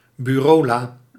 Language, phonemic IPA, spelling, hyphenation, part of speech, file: Dutch, /byːˈroːˌlaː/, bureaula, bu‧reau‧la, noun, Nl-bureaula.ogg
- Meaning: desk drawer